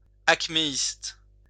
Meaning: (adjective) Acmeist
- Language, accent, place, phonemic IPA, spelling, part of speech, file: French, France, Lyon, /ak.me.ist/, acméiste, adjective / noun, LL-Q150 (fra)-acméiste.wav